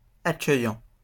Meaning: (verb) present participle of accueillir; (adjective) welcoming, accommodating
- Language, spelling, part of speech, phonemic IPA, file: French, accueillant, verb / adjective, /a.kœ.jɑ̃/, LL-Q150 (fra)-accueillant.wav